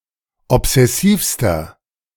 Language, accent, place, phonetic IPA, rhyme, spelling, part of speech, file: German, Germany, Berlin, [ɔpz̥ɛˈsiːfstɐ], -iːfstɐ, obsessivster, adjective, De-obsessivster.ogg
- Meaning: inflection of obsessiv: 1. strong/mixed nominative masculine singular superlative degree 2. strong genitive/dative feminine singular superlative degree 3. strong genitive plural superlative degree